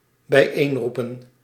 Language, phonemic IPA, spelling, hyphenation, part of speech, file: Dutch, /bɛi̯ˈeːnrupə(n)/, bijeenroepen, bij‧een‧roe‧pen, verb, Nl-bijeenroepen.ogg
- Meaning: to call together (for a meeting)